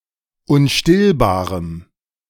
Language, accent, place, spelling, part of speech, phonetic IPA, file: German, Germany, Berlin, unstillbarem, adjective, [ʊnˈʃtɪlbaːʁəm], De-unstillbarem.ogg
- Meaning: strong dative masculine/neuter singular of unstillbar